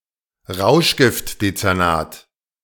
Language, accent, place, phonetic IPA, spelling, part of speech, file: German, Germany, Berlin, [ˈʁaʊ̯ʃɡɪftdet͡sɛʁˌnaːt], Rauschgiftdezernat, noun, De-Rauschgiftdezernat.ogg
- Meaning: drug division; division of a police force that investigates crimes involving illegal drugs